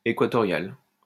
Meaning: equatorial
- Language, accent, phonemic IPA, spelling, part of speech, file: French, France, /e.kwa.tɔ.ʁjal/, équatorial, adjective, LL-Q150 (fra)-équatorial.wav